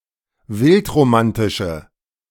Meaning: inflection of wildromantisch: 1. strong/mixed nominative/accusative feminine singular 2. strong nominative/accusative plural 3. weak nominative all-gender singular
- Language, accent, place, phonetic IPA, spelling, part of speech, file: German, Germany, Berlin, [ˈvɪltʁoˌmantɪʃə], wildromantische, adjective, De-wildromantische.ogg